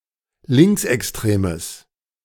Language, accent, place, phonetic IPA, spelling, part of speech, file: German, Germany, Berlin, [ˈlɪŋksʔɛksˌtʁeːməs], linksextremes, adjective, De-linksextremes.ogg
- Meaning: strong/mixed nominative/accusative neuter singular of linksextrem